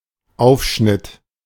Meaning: cold cuts
- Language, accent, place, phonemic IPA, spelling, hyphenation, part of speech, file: German, Germany, Berlin, /ˈaʊ̯fʃnɪt/, Aufschnitt, Auf‧schnitt, noun, De-Aufschnitt.ogg